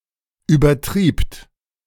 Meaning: second-person plural preterite of übertreiben
- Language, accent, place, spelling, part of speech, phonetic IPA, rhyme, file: German, Germany, Berlin, übertriebt, verb, [yːbɐˈtʁiːpt], -iːpt, De-übertriebt.ogg